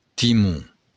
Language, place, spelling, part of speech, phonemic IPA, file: Occitan, Béarn, timon, noun, /tiˈmu/, LL-Q14185 (oci)-timon.wav
- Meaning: tiller